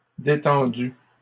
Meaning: feminine plural of détendu
- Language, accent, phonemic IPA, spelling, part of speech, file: French, Canada, /de.tɑ̃.dy/, détendues, adjective, LL-Q150 (fra)-détendues.wav